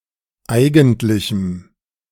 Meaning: strong dative masculine/neuter singular of eigentlich
- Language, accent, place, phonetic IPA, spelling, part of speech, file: German, Germany, Berlin, [ˈaɪ̯ɡn̩tlɪçm̩], eigentlichem, adjective, De-eigentlichem.ogg